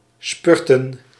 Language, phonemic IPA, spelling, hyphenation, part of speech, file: Dutch, /ˈspʏr.tə(n)/, spurten, spur‧ten, verb, Nl-spurten.ogg
- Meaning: to spurt, to sprint